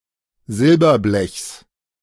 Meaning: genitive singular of Silberblech
- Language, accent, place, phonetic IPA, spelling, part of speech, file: German, Germany, Berlin, [ˈzɪlbɐˌblɛçs], Silberblechs, noun, De-Silberblechs.ogg